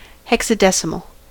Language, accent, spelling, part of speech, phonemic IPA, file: English, US, hexadecimal, noun / adjective, /ˌhɛksəˈdɛsɪməl/, En-us-hexadecimal.ogg